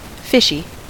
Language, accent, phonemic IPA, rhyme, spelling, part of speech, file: English, General American, /ˈfɪʃi/, -ɪʃi, fishy, adjective / noun, En-us-fishy.ogg
- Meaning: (adjective) 1. Of, from, or similar to fish 2. Suspicious; inspiring doubt 3. Of a drag queen or a trans woman: appearing very feminine and resembling a cisgender woman; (noun) Diminutive of fish